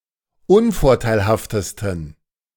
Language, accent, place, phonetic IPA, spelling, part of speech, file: German, Germany, Berlin, [ˈʊnfɔʁtaɪ̯lhaftəstn̩], unvorteilhaftesten, adjective, De-unvorteilhaftesten.ogg
- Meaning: 1. superlative degree of unvorteilhaft 2. inflection of unvorteilhaft: strong genitive masculine/neuter singular superlative degree